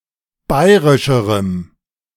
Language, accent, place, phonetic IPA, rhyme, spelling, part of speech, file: German, Germany, Berlin, [ˈbaɪ̯ʁɪʃəʁəm], -aɪ̯ʁɪʃəʁəm, bayrischerem, adjective, De-bayrischerem.ogg
- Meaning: strong dative masculine/neuter singular comparative degree of bayrisch